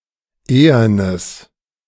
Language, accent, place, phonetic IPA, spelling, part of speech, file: German, Germany, Berlin, [ˈeːɐnəs], ehernes, adjective, De-ehernes.ogg
- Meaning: strong/mixed nominative/accusative neuter singular of ehern